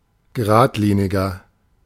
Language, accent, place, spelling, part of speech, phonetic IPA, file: German, Germany, Berlin, geradliniger, adjective, [ɡəˈʁaːtˌliːnɪɡɐ], De-geradliniger.ogg
- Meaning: inflection of geradlinig: 1. strong/mixed nominative masculine singular 2. strong genitive/dative feminine singular 3. strong genitive plural